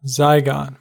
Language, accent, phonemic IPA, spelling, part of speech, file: English, US, /ˈzaɪ.ɡɑn/, zygon, noun, En-us-zygon.ogg
- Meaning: In the cerebrum, a short crossbar fissure that connects the two pairs of branches of a larger zygal (H-shaped) fissure